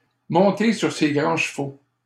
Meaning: to get on one's high horse
- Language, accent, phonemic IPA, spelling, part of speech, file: French, Canada, /mɔ̃.te syʁ se ɡʁɑ̃ ʃ(ə).vo/, monter sur ses grands chevaux, verb, LL-Q150 (fra)-monter sur ses grands chevaux.wav